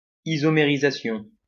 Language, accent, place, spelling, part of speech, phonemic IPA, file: French, France, Lyon, isomérisation, noun, /i.zɔ.me.ʁi.za.sjɔ̃/, LL-Q150 (fra)-isomérisation.wav
- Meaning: isomerization